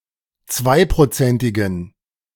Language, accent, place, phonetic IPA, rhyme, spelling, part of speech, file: German, Germany, Berlin, [ˈt͡svaɪ̯pʁoˌt͡sɛntɪɡn̩], -aɪ̯pʁot͡sɛntɪɡn̩, zweiprozentigen, adjective, De-zweiprozentigen.ogg
- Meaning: inflection of zweiprozentig: 1. strong genitive masculine/neuter singular 2. weak/mixed genitive/dative all-gender singular 3. strong/weak/mixed accusative masculine singular 4. strong dative plural